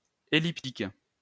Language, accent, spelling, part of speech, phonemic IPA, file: French, France, elliptique, adjective, /e.lip.tik/, LL-Q150 (fra)-elliptique.wav
- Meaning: 1. elliptic 2. elliptical